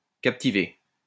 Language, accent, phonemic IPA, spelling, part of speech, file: French, France, /kap.ti.ve/, captiver, verb, LL-Q150 (fra)-captiver.wav
- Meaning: to engross; to captivate (to engage completely)